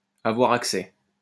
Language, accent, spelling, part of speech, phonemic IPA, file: French, France, avoir accès, verb, /a.vwaʁ ak.sɛ/, LL-Q150 (fra)-avoir accès.wav
- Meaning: to have access